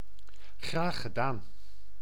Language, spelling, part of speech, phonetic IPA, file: Dutch, graag gedaan, interjection, [ˈɣraːxəˈdaːn], Nl-graag gedaan.ogg
- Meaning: you're welcome; my pleasure (after being thanked); literally: gladly done